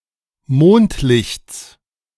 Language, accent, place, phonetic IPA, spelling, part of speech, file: German, Germany, Berlin, [ˈmoːntˌlɪçt͡s], Mondlichts, noun, De-Mondlichts.ogg
- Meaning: genitive singular of Mondlicht